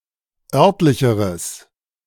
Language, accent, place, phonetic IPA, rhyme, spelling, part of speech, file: German, Germany, Berlin, [ˈœʁtlɪçəʁəs], -œʁtlɪçəʁəs, örtlicheres, adjective, De-örtlicheres.ogg
- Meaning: strong/mixed nominative/accusative neuter singular comparative degree of örtlich